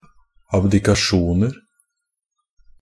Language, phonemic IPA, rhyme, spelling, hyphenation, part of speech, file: Norwegian Bokmål, /abdɪkaˈʃuːnər/, -ər, abdikasjoner, ab‧di‧ka‧sjon‧er, noun, NB - Pronunciation of Norwegian Bokmål «abdikasjoner».ogg
- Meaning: indefinite plural of abdikasjon